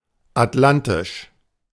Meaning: Atlantic
- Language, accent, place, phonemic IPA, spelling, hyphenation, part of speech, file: German, Germany, Berlin, /atˈlantɪʃ/, atlantisch, at‧lan‧tisch, adjective, De-atlantisch.ogg